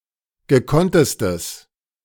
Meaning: strong/mixed nominative/accusative neuter singular superlative degree of gekonnt
- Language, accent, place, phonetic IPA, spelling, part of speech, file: German, Germany, Berlin, [ɡəˈkɔntəstəs], gekonntestes, adjective, De-gekonntestes.ogg